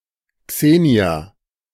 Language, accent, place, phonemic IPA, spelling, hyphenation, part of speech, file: German, Germany, Berlin, /ˈkseːni̯a/, Xenia, Xe‧nia, proper noun, De-Xenia.ogg
- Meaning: a female given name, equivalent to English Xenia